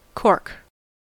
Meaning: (noun) The dead protective tissue between the bark and cambium in woody plants, with suberin deposits making it impervious to gasses and water
- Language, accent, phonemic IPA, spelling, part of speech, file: English, US, /kɔɹk/, cork, noun / verb / adjective, En-us-cork.ogg